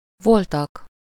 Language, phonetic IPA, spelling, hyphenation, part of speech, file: Hungarian, [ˈvoltɒk], voltak, vol‧tak, verb, Hu-voltak.ogg
- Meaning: third-person plural indicative past indefinite of van